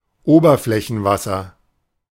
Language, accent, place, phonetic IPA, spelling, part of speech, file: German, Germany, Berlin, [ˈoːbɐflɛçn̩ˌvasɐ], Oberflächenwasser, noun, De-Oberflächenwasser.ogg
- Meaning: surface water